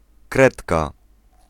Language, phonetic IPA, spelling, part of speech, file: Polish, [ˈkrɛtka], kredka, noun, Pl-kredka.ogg